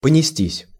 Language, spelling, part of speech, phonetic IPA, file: Russian, понестись, verb, [pənʲɪˈsʲtʲisʲ], Ru-понестись.ogg
- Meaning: 1. to rush off (after), to dash off (after), to tear along (after) 2. passive of понести́ (ponestí)